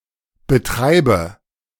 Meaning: inflection of betreiben: 1. first-person singular present 2. first/third-person singular subjunctive I 3. singular imperative
- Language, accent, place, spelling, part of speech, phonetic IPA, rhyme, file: German, Germany, Berlin, betreibe, verb, [bəˈtʁaɪ̯bə], -aɪ̯bə, De-betreibe.ogg